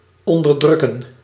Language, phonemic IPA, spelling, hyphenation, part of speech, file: Dutch, /ˌɔn.dərˈdrʏ.kə(n)/, onderdrukken, on‧der‧druk‧ken, verb, Nl-onderdrukken.ogg
- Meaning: 1. to oppress 2. to suppress